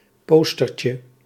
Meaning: diminutive of poster
- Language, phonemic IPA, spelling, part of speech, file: Dutch, /ˈpɔstərcə/, postertje, noun, Nl-postertje.ogg